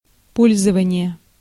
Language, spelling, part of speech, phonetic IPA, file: Russian, пользование, noun, [ˈpolʲzəvənʲɪje], Ru-пользование.ogg
- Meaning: 1. use, usage, utilization 2. enjoyment (of rights)